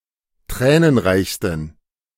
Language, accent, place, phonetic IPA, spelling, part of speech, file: German, Germany, Berlin, [ˈtʁɛːnənˌʁaɪ̯çstn̩], tränenreichsten, adjective, De-tränenreichsten.ogg
- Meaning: 1. superlative degree of tränenreich 2. inflection of tränenreich: strong genitive masculine/neuter singular superlative degree